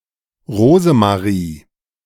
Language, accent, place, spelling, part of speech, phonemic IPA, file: German, Germany, Berlin, Rosemarie, proper noun, /ˈʁoːzəmaˌʁiː/, De-Rosemarie.ogg
- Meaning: a female given name, blend of Rose and Marie, roughly equivalent to English Rosemary